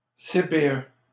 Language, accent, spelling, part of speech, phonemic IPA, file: French, Canada, CPE, noun, /se.pe.ø/, LL-Q150 (fra)-CPE.wav
- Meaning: 1. abbreviation of centre de la petite enfance: nursery, kindergarten 2. abbreviation of conseiller principal d'éducation: guidance counselor